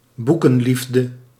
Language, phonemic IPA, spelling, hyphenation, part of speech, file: Dutch, /ˈbu.kə(n)ˌlif.də/, boekenliefde, boe‧ken‧lief‧de, noun, Nl-boekenliefde.ogg
- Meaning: bibliophilia